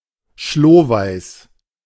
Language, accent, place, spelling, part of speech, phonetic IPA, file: German, Germany, Berlin, schlohweiß, adjective, [ʃloːvaɪ̯s], De-schlohweiß.ogg
- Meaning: snow-white